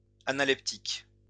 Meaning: analeptic
- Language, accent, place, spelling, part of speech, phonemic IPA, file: French, France, Lyon, analeptique, adjective, /a.na.lɛp.tik/, LL-Q150 (fra)-analeptique.wav